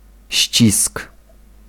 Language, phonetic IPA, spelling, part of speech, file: Polish, [ɕt͡ɕisk], ścisk, noun, Pl-ścisk.ogg